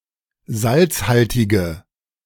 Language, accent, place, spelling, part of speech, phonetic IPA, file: German, Germany, Berlin, salzhaltige, adjective, [ˈzalt͡sˌhaltɪɡə], De-salzhaltige.ogg
- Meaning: inflection of salzhaltig: 1. strong/mixed nominative/accusative feminine singular 2. strong nominative/accusative plural 3. weak nominative all-gender singular